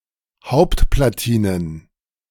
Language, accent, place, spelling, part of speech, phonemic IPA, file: German, Germany, Berlin, Hauptplatinen, noun, /ˈhaʊ̯ptplaˌtiːnən/, De-Hauptplatinen.ogg
- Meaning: plural of Hauptplatine